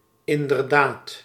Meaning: indeed
- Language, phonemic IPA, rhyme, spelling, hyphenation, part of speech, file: Dutch, /ˌɪn.dərˈdaːt/, -aːt, inderdaad, in‧der‧daad, adverb, Nl-inderdaad.ogg